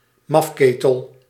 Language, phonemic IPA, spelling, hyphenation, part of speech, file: Dutch, /ˈmɑfˌkeː.təl/, mafketel, maf‧ke‧tel, noun, Nl-mafketel.ogg
- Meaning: a weirdo, goofball, nutjob